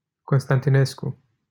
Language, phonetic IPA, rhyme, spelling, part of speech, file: Romanian, [konstantiˈnesku], -esku, Constantinescu, proper noun, LL-Q7913 (ron)-Constantinescu.wav
- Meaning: 1. a surname 2. a surname: Emil Constantinescu, third president of Romania